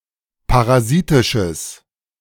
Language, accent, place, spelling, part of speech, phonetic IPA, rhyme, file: German, Germany, Berlin, parasitisches, adjective, [paʁaˈziːtɪʃəs], -iːtɪʃəs, De-parasitisches.ogg
- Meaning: strong/mixed nominative/accusative neuter singular of parasitisch